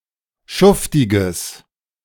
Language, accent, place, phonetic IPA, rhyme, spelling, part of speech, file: German, Germany, Berlin, [ˈʃʊftɪɡəs], -ʊftɪɡəs, schuftiges, adjective, De-schuftiges.ogg
- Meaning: strong/mixed nominative/accusative neuter singular of schuftig